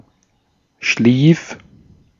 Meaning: 1. first/third-person singular preterite of schlafen 2. singular imperative of schliefen
- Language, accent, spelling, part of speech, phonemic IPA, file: German, Austria, schlief, verb, /ʃliːf/, De-at-schlief.ogg